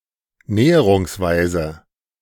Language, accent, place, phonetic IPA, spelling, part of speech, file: German, Germany, Berlin, [ˈnɛːəʁʊŋsˌvaɪ̯zə], näherungsweise, adverb, De-näherungsweise.ogg
- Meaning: approximately